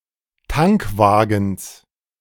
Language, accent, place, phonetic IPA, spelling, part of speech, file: German, Germany, Berlin, [ˈtaŋkˌvaːɡn̩s], Tankwagens, noun, De-Tankwagens.ogg
- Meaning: genitive singular of Tankwagen